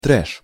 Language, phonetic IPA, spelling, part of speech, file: Russian, [trɛʂ], треш, noun, Ru-треш.ogg
- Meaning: 1. trash (worthless things or stuff) 2. used to express strong or powerful emotions 3. used to express a negative attitude to a person or a current situation 4. thrash metal